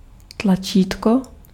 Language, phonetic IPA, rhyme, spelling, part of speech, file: Czech, [ˈtlat͡ʃiːtko], -iːtko, tlačítko, noun, Cs-tlačítko.ogg
- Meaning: 1. button (mechanical device) 2. button